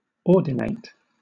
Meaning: 1. To align a series of objects 2. To ordain a priest, or consecrate a bishop 3. To order or regulate; to control, govern, or direct 4. To institute, establish; to ordain; to predestine
- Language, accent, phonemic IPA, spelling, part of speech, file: English, Southern England, /ˈɔː(ɹ)dɪneɪt/, ordinate, verb, LL-Q1860 (eng)-ordinate.wav